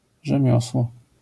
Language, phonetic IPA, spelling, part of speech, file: Polish, [ʒɛ̃ˈmʲjɔswɔ], rzemiosło, noun, LL-Q809 (pol)-rzemiosło.wav